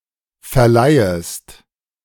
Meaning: second-person singular subjunctive I of verleihen
- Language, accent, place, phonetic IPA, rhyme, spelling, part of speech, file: German, Germany, Berlin, [fɛɐ̯ˈlaɪ̯əst], -aɪ̯əst, verleihest, verb, De-verleihest.ogg